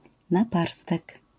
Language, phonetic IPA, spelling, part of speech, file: Polish, [naˈparstɛk], naparstek, noun, LL-Q809 (pol)-naparstek.wav